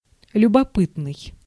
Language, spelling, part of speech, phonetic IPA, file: Russian, любопытный, adjective, [lʲʊbɐˈpɨtnɨj], Ru-любопытный.ogg
- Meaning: 1. curious, inquisitive 2. interesting, intriguing